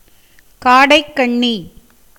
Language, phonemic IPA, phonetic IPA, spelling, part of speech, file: Tamil, /kɑːɖɐɪ̯kːɐɳːiː/, [käːɖɐɪ̯kːɐɳːiː], காடைக்கண்ணி, noun, Ta-காடைக்கண்ணி.ogg
- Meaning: oat, oats